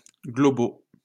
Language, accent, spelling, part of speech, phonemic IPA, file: French, France, globaux, adjective, /ɡlɔ.bo/, LL-Q150 (fra)-globaux.wav
- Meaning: masculine plural of global